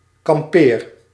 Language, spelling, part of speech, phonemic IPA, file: Dutch, kampeer, verb, /kɑmˈpeːr/, Nl-kampeer.ogg
- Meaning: inflection of kamperen: 1. first-person singular present indicative 2. second-person singular present indicative 3. imperative